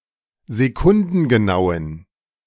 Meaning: inflection of sekundengenau: 1. strong genitive masculine/neuter singular 2. weak/mixed genitive/dative all-gender singular 3. strong/weak/mixed accusative masculine singular 4. strong dative plural
- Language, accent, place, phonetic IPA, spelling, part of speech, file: German, Germany, Berlin, [zeˈkʊndn̩ɡəˌnaʊ̯ən], sekundengenauen, adjective, De-sekundengenauen.ogg